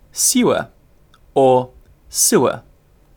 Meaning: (noun) A pipe or channel, or system of pipes or channels, used to remove human waste and to provide drainage; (verb) To provide (a place) with a system of sewers
- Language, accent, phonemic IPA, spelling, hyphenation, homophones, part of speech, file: English, UK, /ˈs(j)uːə/, sewer, sew‧er, suer, noun / verb, En-uk-sewer.ogg